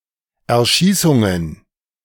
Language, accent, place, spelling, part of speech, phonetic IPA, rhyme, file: German, Germany, Berlin, Erschießungen, noun, [ɛɐ̯ˈʃiːsʊŋən], -iːsʊŋən, De-Erschießungen.ogg
- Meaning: plural of Erschießung